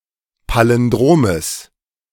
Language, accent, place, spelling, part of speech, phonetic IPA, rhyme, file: German, Germany, Berlin, Palindromes, noun, [ˌpalɪnˈdʁoːməs], -oːməs, De-Palindromes.ogg
- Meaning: genitive singular of Palindrom